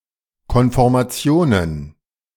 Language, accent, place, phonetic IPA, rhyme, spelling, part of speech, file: German, Germany, Berlin, [kɔnfɔʁmaˈt͡si̯oːnən], -oːnən, Konformationen, noun, De-Konformationen.ogg
- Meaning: plural of Konformation